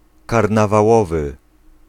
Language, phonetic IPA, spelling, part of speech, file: Polish, [ˌkarnavaˈwɔvɨ], karnawałowy, adjective, Pl-karnawałowy.ogg